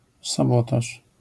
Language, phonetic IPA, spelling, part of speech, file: Polish, [saˈbɔtaʃ], sabotaż, noun, LL-Q809 (pol)-sabotaż.wav